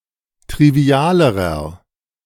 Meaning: inflection of trivial: 1. strong/mixed nominative masculine singular comparative degree 2. strong genitive/dative feminine singular comparative degree 3. strong genitive plural comparative degree
- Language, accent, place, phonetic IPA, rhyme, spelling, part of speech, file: German, Germany, Berlin, [tʁiˈvi̯aːləʁɐ], -aːləʁɐ, trivialerer, adjective, De-trivialerer.ogg